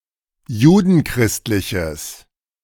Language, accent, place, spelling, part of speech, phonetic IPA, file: German, Germany, Berlin, judenchristliches, adjective, [ˈjuːdn̩ˌkʁɪstlɪçəs], De-judenchristliches.ogg
- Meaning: strong/mixed nominative/accusative neuter singular of judenchristlich